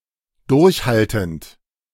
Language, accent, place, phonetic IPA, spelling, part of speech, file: German, Germany, Berlin, [ˈdʊʁçˌhaltn̩t], durchhaltend, verb, De-durchhaltend.ogg
- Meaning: present participle of durchhalten